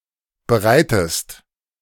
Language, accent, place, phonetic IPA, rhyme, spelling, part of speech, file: German, Germany, Berlin, [bəˈʁaɪ̯təst], -aɪ̯təst, bereitest, verb, De-bereitest.ogg
- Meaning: inflection of bereiten: 1. second-person singular present 2. second-person singular subjunctive I